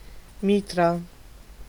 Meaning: 1. mitre (headgear worn on solemn occasions by church dignitaries) 2. mitre
- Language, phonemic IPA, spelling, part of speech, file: German, /ˈmiːtʀə/, Mitra, noun, De-Mitra.ogg